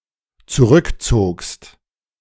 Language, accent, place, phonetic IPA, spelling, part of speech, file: German, Germany, Berlin, [t͡suˈʁʏkˌt͡soːkst], zurückzogst, verb, De-zurückzogst.ogg
- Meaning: second-person singular dependent preterite of zurückziehen